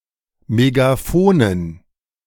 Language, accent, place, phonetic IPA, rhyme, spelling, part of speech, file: German, Germany, Berlin, [meɡaˈfoːnən], -oːnən, Megafonen, noun, De-Megafonen.ogg
- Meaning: dative plural of Megafon